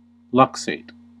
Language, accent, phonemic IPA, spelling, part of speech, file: English, US, /ˈlʌk.seɪt/, luxate, verb, En-us-luxate.ogg
- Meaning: To dislocate; to displace a body part